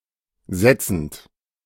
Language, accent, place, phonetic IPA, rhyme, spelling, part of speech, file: German, Germany, Berlin, [ˈzɛt͡sn̩t], -ɛt͡sn̩t, setzend, verb, De-setzend.ogg
- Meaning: present participle of setzen